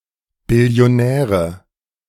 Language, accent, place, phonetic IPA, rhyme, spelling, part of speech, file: German, Germany, Berlin, [bɪli̯oˈnɛːʁə], -ɛːʁə, Billionäre, noun, De-Billionäre.ogg
- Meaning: nominative/accusative/genitive plural of Billionär